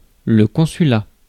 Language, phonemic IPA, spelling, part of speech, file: French, /kɔ̃.sy.la/, consulat, noun, Fr-consulat.ogg
- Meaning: consulate (the residency of a consul)